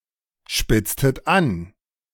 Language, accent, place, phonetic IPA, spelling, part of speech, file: German, Germany, Berlin, [ˌʃpɪt͡stət ˈan], spitztet an, verb, De-spitztet an.ogg
- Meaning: inflection of anspitzen: 1. second-person plural preterite 2. second-person plural subjunctive II